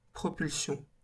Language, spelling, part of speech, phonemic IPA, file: French, propulsion, noun, /pʁɔ.pyl.sjɔ̃/, LL-Q150 (fra)-propulsion.wav
- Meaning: propulsion